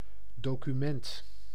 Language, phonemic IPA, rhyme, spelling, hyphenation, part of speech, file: Dutch, /ˌdoː.kyˈmɛnt/, -ɛnt, document, do‧cu‧ment, noun, Nl-document.ogg
- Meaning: document